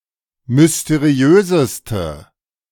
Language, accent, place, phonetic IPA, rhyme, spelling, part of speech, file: German, Germany, Berlin, [mʏsteˈʁi̯øːzəstə], -øːzəstə, mysteriöseste, adjective, De-mysteriöseste.ogg
- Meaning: inflection of mysteriös: 1. strong/mixed nominative/accusative feminine singular superlative degree 2. strong nominative/accusative plural superlative degree